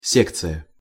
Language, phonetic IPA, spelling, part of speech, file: Russian, [ˈsʲekt͡sɨjə], секция, noun, Ru-секция.ogg
- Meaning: 1. section 2. wall unit 3. breakup group 4. hobby group, hobby circle